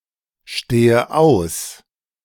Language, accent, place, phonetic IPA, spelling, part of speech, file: German, Germany, Berlin, [ˌʃteːə ˈaʊ̯s], stehe aus, verb, De-stehe aus.ogg
- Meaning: inflection of ausstehen: 1. first-person singular present 2. first/third-person singular subjunctive I 3. singular imperative